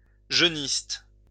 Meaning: youthist
- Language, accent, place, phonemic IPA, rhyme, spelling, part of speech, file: French, France, Lyon, /ʒœ.nist/, -ist, jeuniste, adjective, LL-Q150 (fra)-jeuniste.wav